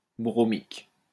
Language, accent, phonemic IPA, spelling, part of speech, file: French, France, /bʁɔ.mik/, bromique, adjective, LL-Q150 (fra)-bromique.wav
- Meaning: bromic